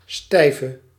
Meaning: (adjective) inflection of stijf: 1. masculine/feminine singular attributive 2. definite neuter singular attributive 3. plural attributive
- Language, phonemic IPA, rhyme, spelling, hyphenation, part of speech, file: Dutch, /ˈstɛi̯.və/, -ɛi̯və, stijve, stij‧ve, adjective / noun, Nl-stijve.ogg